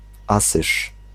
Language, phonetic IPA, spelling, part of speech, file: Polish, [ˈasɨʃ], Asyż, proper noun, Pl-Asyż.ogg